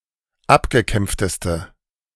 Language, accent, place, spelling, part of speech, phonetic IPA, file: German, Germany, Berlin, abgekämpfteste, adjective, [ˈapɡəˌkɛmp͡ftəstə], De-abgekämpfteste.ogg
- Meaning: inflection of abgekämpft: 1. strong/mixed nominative/accusative feminine singular superlative degree 2. strong nominative/accusative plural superlative degree